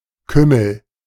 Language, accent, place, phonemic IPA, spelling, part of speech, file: German, Germany, Berlin, /ˈkʏml̩/, Kümmel, noun / proper noun, De-Kümmel.ogg
- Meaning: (noun) 1. caraway 2. kummel; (proper noun) a surname